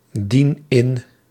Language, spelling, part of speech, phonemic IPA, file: Dutch, dien in, verb, /ˈdin ˈɪn/, Nl-dien in.ogg
- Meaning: inflection of indienen: 1. first-person singular present indicative 2. second-person singular present indicative 3. imperative